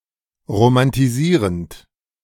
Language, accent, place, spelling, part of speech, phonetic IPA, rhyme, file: German, Germany, Berlin, romantisierend, verb, [ʁomantiˈziːʁənt], -iːʁənt, De-romantisierend.ogg
- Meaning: present participle of romantisieren